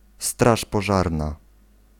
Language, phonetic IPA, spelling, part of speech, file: Polish, [ˈstraʃ pɔˈʒarna], straż pożarna, noun, Pl-straż pożarna.ogg